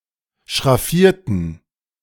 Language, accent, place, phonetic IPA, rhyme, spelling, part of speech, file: German, Germany, Berlin, [ʃʁaˈfiːɐ̯tn̩], -iːɐ̯tn̩, schraffierten, adjective / verb, De-schraffierten.ogg
- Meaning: inflection of schraffieren: 1. first/third-person plural preterite 2. first/third-person plural subjunctive II